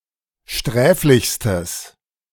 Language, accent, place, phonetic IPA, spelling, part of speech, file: German, Germany, Berlin, [ˈʃtʁɛːflɪçstəs], sträflichstes, adjective, De-sträflichstes.ogg
- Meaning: strong/mixed nominative/accusative neuter singular superlative degree of sträflich